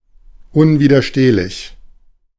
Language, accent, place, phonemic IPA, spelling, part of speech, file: German, Germany, Berlin, /ˌʔʊnviːdɐˈʃteːlɪç/, unwiderstehlich, adjective, De-unwiderstehlich.ogg
- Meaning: irresistible